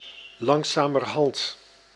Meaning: 1. gradually, bit by bit 2. by now, by this time, by this point
- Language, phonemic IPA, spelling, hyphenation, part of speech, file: Dutch, /ˌlɑŋzamərˈhɑnt/, langzamerhand, lang‧za‧mer‧hand, adverb, Nl-langzamerhand.ogg